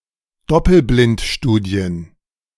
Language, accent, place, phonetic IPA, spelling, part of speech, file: German, Germany, Berlin, [ˈdɔpl̩blɪntˌʃtuːdi̯ən], Doppelblindstudien, noun, De-Doppelblindstudien.ogg
- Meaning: plural of Doppelblindstudie